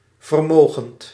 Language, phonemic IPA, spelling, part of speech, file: Dutch, /vərˈmoɣənt/, vermogend, verb / adjective, Nl-vermogend.ogg
- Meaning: present participle of vermogen